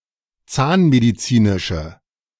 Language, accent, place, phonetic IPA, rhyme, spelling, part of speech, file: German, Germany, Berlin, [ˈt͡saːnmediˌt͡siːnɪʃə], -aːnmedit͡siːnɪʃə, zahnmedizinische, adjective, De-zahnmedizinische.ogg
- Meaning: inflection of zahnmedizinisch: 1. strong/mixed nominative/accusative feminine singular 2. strong nominative/accusative plural 3. weak nominative all-gender singular